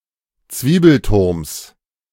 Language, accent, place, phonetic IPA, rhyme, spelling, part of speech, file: German, Germany, Berlin, [ˈt͡sviːbl̩ˌtʊʁms], -iːbl̩tʊʁms, Zwiebelturms, noun, De-Zwiebelturms.ogg
- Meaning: genitive of Zwiebelturm